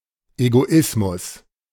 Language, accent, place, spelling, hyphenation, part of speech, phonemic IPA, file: German, Germany, Berlin, Egoismus, Ego‧is‧mus, noun, /eɡoˈɪsmʊs/, De-Egoismus.ogg
- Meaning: egoism